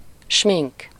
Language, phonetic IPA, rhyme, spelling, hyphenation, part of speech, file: Hungarian, [ˈʃmiŋk], -iŋk, smink, smink, noun, Hu-smink.ogg
- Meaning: makeup